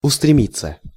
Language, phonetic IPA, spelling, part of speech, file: Russian, [ʊstrʲɪˈmʲit͡sːə], устремиться, verb, Ru-устремиться.ogg
- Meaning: 1. to rush 2. to be turned (to), to be directed (at, towards), to be fixed (upon) 3. passive of устреми́ть (ustremítʹ)